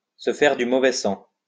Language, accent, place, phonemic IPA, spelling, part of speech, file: French, France, Lyon, /sə fɛʁ dy mo.vɛ sɑ̃/, se faire du mauvais sang, verb, LL-Q150 (fra)-se faire du mauvais sang.wav
- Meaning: to tie oneself in knots, to worry oneself sick